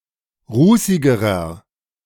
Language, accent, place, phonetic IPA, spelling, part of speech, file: German, Germany, Berlin, [ˈʁuːsɪɡəʁɐ], rußigerer, adjective, De-rußigerer.ogg
- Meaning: inflection of rußig: 1. strong/mixed nominative masculine singular comparative degree 2. strong genitive/dative feminine singular comparative degree 3. strong genitive plural comparative degree